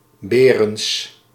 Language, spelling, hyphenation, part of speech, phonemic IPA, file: Dutch, Berends, Be‧rends, proper noun, /ˈbeː.rənts/, Nl-Berends.ogg
- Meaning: a surname originating as a patronymic